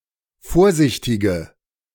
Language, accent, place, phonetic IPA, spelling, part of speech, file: German, Germany, Berlin, [ˈfoːɐ̯ˌzɪçtɪɡə], vorsichtige, adjective, De-vorsichtige.ogg
- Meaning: inflection of vorsichtig: 1. strong/mixed nominative/accusative feminine singular 2. strong nominative/accusative plural 3. weak nominative all-gender singular